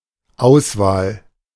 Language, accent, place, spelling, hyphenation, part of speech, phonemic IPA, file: German, Germany, Berlin, Auswahl, Aus‧wahl, noun, /ˈaʊ̯svaːl/, De-Auswahl.ogg
- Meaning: 1. selection 2. choice 3. range, assortment 4. digest, reader, anthology 5. national sports team